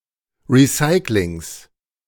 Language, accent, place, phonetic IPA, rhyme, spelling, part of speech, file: German, Germany, Berlin, [ʁiˈsaɪ̯klɪŋs], -aɪ̯klɪŋs, Recyclings, noun, De-Recyclings.ogg
- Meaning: genitive singular of Recycling